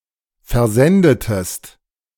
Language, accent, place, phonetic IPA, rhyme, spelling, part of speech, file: German, Germany, Berlin, [fɛɐ̯ˈzɛndətəst], -ɛndətəst, versendetest, verb, De-versendetest.ogg
- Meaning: inflection of versenden: 1. second-person singular preterite 2. second-person singular subjunctive II